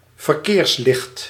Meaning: traffic light
- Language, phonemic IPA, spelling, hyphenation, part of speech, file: Dutch, /vərˈkeːrsˌlɪxt/, verkeerslicht, ver‧keers‧licht, noun, Nl-verkeerslicht.ogg